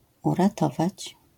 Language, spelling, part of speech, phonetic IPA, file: Polish, uratować, verb, [ˌuraˈtɔvat͡ɕ], LL-Q809 (pol)-uratować.wav